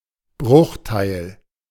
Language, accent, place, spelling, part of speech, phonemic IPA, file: German, Germany, Berlin, Bruchteil, noun, /ˈbʁʊxˌtaɪ̯l/, De-Bruchteil.ogg
- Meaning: 1. part, fraction (share of an overall set or value) 2. part, fraction (share of an overall set or value): fraction (comparatively small share) 3. fragment